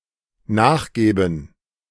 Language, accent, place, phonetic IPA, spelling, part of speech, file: German, Germany, Berlin, [ˈnaːxˌɡɛːbn̩], nachgäben, verb, De-nachgäben.ogg
- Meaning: first/third-person plural dependent subjunctive II of nachgeben